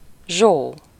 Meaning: a diminutive of the female given name Zsófia
- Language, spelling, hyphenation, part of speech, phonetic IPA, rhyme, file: Hungarian, Zsó, Zsó, proper noun, [ˈʒoː], -ʒoː, Hu-Zsó.ogg